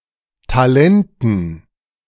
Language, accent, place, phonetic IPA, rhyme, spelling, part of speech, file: German, Germany, Berlin, [taˈlɛntn̩], -ɛntn̩, Talenten, noun, De-Talenten.ogg
- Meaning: dative plural of Talent